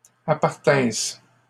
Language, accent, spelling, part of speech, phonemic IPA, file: French, Canada, appartinssent, verb, /a.paʁ.tɛ̃s/, LL-Q150 (fra)-appartinssent.wav
- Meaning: third-person plural imperfect subjunctive of appartenir